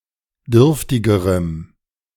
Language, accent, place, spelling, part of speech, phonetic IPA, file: German, Germany, Berlin, dürftigerem, adjective, [ˈdʏʁftɪɡəʁəm], De-dürftigerem.ogg
- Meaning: strong dative masculine/neuter singular comparative degree of dürftig